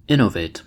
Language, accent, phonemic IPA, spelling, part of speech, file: English, US, /ˈɪn.ə.veɪt/, innovate, verb, En-us-innovate.ogg
- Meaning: 1. To alter, to change into something new; to revolutionize 2. To introduce something new to a particular environment; to do something new 3. To introduce (something) as new